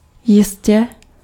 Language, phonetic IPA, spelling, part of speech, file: Czech, [ˈjɪscɛ], jistě, adverb / verb, Cs-jistě.ogg
- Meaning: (adverb) certainly, surely; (verb) masculine singular present transgressive of jistit